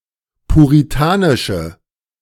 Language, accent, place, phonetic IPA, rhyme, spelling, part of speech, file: German, Germany, Berlin, [puʁiˈtaːnɪʃə], -aːnɪʃə, puritanische, adjective, De-puritanische.ogg
- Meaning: inflection of puritanisch: 1. strong/mixed nominative/accusative feminine singular 2. strong nominative/accusative plural 3. weak nominative all-gender singular